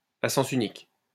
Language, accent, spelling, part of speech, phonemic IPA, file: French, France, à sens unique, adjective, /a sɑ̃s y.nik/, LL-Q150 (fra)-à sens unique.wav
- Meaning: 1. one-way (where traffic moves in a single direction) 2. unrequited, non-reciprocal, one-sided